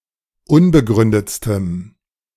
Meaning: strong dative masculine/neuter singular superlative degree of unbegründet
- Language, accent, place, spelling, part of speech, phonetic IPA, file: German, Germany, Berlin, unbegründetstem, adjective, [ˈʊnbəˌɡʁʏndət͡stəm], De-unbegründetstem.ogg